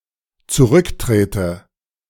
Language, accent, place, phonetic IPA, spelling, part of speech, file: German, Germany, Berlin, [t͡suˈʁʏkˌtʁeːtə], zurücktrete, verb, De-zurücktrete.ogg
- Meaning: inflection of zurücktreten: 1. first-person singular dependent present 2. first/third-person singular dependent subjunctive I